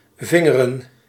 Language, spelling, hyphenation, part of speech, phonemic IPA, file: Dutch, vingeren, vin‧ge‧ren, verb / noun, /ˈvɪ.ŋə.rə(n)/, Nl-vingeren.ogg
- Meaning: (verb) 1. to finger; to stimulate one's own or another person's vulva or vagina using the fingers 2. to stimulate one's own or another person's anus using the fingers